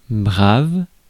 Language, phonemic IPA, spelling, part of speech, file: French, /bʁav/, brave, adjective / noun, Fr-brave.ogg
- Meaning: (adjective) 1. brave 2. honest; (noun) hero